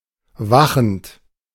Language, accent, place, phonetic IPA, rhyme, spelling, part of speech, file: German, Germany, Berlin, [ˈvaxn̩t], -axn̩t, wachend, verb, De-wachend.ogg
- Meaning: present participle of wachen